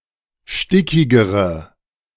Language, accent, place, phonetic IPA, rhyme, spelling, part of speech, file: German, Germany, Berlin, [ˈʃtɪkɪɡəʁə], -ɪkɪɡəʁə, stickigere, adjective, De-stickigere.ogg
- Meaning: inflection of stickig: 1. strong/mixed nominative/accusative feminine singular comparative degree 2. strong nominative/accusative plural comparative degree